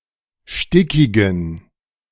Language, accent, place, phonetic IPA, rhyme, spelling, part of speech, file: German, Germany, Berlin, [ˈʃtɪkɪɡn̩], -ɪkɪɡn̩, stickigen, adjective, De-stickigen.ogg
- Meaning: inflection of stickig: 1. strong genitive masculine/neuter singular 2. weak/mixed genitive/dative all-gender singular 3. strong/weak/mixed accusative masculine singular 4. strong dative plural